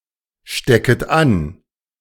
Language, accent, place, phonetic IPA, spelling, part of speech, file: German, Germany, Berlin, [ˌʃtɛkət ˈan], stecket an, verb, De-stecket an.ogg
- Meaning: second-person plural subjunctive I of anstecken